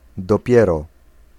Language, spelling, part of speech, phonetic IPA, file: Polish, dopiero, particle / interjection, [dɔˈpʲjɛrɔ], Pl-dopiero.ogg